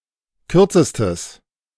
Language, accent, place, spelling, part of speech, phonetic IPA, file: German, Germany, Berlin, kürzestes, adjective, [ˈkʏʁt͡səstəs], De-kürzestes.ogg
- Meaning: strong/mixed nominative/accusative neuter singular superlative degree of kurz